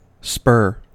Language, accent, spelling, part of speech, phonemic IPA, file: English, US, spur, noun / verb, /spɝ/, En-us-spur.ogg
- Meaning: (noun) A rigid implement, often roughly y-shaped, that is fixed to one's heel for the purpose of prodding a horse. Often worn by, and emblematic of, the cowboy or the knight